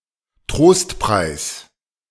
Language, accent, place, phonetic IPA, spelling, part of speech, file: German, Germany, Berlin, [ˈtʁoːstˌpʁaɪ̯s], Trostpreis, noun, De-Trostpreis.ogg
- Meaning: consolation prize